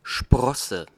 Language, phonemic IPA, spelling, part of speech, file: German, /ˈʃpʁɔsə/, Sprosse, noun, De-Sprosse.ogg
- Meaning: 1. rung, rundle, step (of a ladder) 2. branch, tine, prong (of an antler) 3. sprout (outgrowth on a seed or fruit); for a shoot of an actual growing plant, the doublet Spross m is more usual